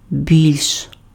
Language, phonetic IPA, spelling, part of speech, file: Ukrainian, [bʲilʲʃ], більш, adverb, Uk-більш.ogg
- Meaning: comparative degree of бага́то (baháto): more